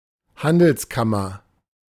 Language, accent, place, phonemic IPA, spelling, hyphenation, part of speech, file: German, Germany, Berlin, /ˈhandl̩sˌkamɐ/, Handelskammer, Han‧dels‧kam‧mer, noun, De-Handelskammer.ogg
- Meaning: chamber of commerce